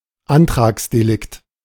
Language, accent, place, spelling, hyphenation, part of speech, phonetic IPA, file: German, Germany, Berlin, Antragsdelikt, An‧trags‧de‧likt, noun, [ˈʔantʁaːksdeˌlɪkt], De-Antragsdelikt.ogg
- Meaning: a type of crime requiring a complaint from a victim in order to be prosecuted